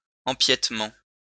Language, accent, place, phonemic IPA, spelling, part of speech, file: French, France, Lyon, /ɑ̃.pjɛt.mɑ̃/, empiètement, noun, LL-Q150 (fra)-empiètement.wav
- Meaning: alternative form of empiétement